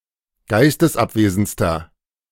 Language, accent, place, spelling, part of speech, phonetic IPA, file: German, Germany, Berlin, geistesabwesendster, adjective, [ˈɡaɪ̯stəsˌʔapveːzn̩t͡stɐ], De-geistesabwesendster.ogg
- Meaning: inflection of geistesabwesend: 1. strong/mixed nominative masculine singular superlative degree 2. strong genitive/dative feminine singular superlative degree